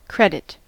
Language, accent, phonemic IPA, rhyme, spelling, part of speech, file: English, US, /ˈkɹɛdɪt/, -ɛdɪt, credit, verb / noun, En-us-credit.ogg
- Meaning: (verb) 1. To believe; to put credence in 2. To add to an account 3. To acknowledge the contribution of 4. To bring honour or repute upon; to do credit to; to raise the estimation of